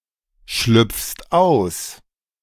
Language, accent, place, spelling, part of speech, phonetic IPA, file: German, Germany, Berlin, schlüpfst aus, verb, [ˌʃlʏp͡fst ˈaʊ̯s], De-schlüpfst aus.ogg
- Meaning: second-person singular present of ausschlüpfen